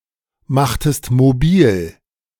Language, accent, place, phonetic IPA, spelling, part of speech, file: German, Germany, Berlin, [ˌmaxtəst moˈbiːl], machtest mobil, verb, De-machtest mobil.ogg
- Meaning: inflection of mobilmachen: 1. second-person singular preterite 2. second-person singular subjunctive II